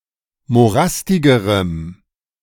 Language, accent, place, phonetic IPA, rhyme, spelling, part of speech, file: German, Germany, Berlin, [moˈʁastɪɡəʁəm], -astɪɡəʁəm, morastigerem, adjective, De-morastigerem.ogg
- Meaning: strong dative masculine/neuter singular comparative degree of morastig